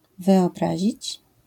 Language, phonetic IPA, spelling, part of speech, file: Polish, [ˌvɨɔˈbraʑit͡ɕ], wyobrazić, verb, LL-Q809 (pol)-wyobrazić.wav